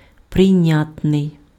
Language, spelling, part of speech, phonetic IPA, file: Ukrainian, прийнятний, adjective, [prei̯ˈnʲatnei̯], Uk-прийнятний.ogg
- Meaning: 1. acceptable (capable or worthy of being accepted) 2. admissible